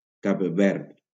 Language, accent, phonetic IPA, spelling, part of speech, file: Catalan, Valencia, [ˈkab ˈvɛɾt], Cap Verd, proper noun, LL-Q7026 (cat)-Cap Verd.wav
- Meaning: Cape Verde (an archipelago and country in West Africa)